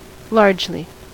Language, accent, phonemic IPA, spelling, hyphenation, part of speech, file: English, US, /ˈlɑɹd͡ʒ.li/, largely, large‧ly, adverb, En-us-largely.ogg
- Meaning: 1. In a widespread or large manner 2. For the most part; mainly or chiefly 3. On a large scale; amply 4. Fully, at great length